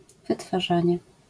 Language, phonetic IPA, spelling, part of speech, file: Polish, [ˌvɨtfaˈʒãɲɛ], wytwarzanie, noun, LL-Q809 (pol)-wytwarzanie.wav